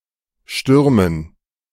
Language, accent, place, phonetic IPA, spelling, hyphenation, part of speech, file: German, Germany, Berlin, [ˈʃtʏʁmən], Stürmen, Stür‧men, noun, De-Stürmen.ogg
- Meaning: dative plural of Sturm